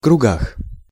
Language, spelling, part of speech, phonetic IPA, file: Russian, кругах, noun, [krʊˈɡax], Ru-кругах.ogg
- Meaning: prepositional plural of круг (krug)